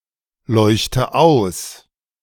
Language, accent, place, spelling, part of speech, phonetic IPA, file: German, Germany, Berlin, leuchte aus, verb, [ˌlɔɪ̯çtə ˈaʊ̯s], De-leuchte aus.ogg
- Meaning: inflection of ausleuchten: 1. first-person singular present 2. first/third-person singular subjunctive I 3. singular imperative